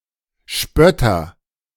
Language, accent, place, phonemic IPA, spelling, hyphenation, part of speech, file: German, Germany, Berlin, /ˈʃpœtɐ/, Spötter, Spöt‧ter, noun, De-Spötter.ogg
- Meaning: mocker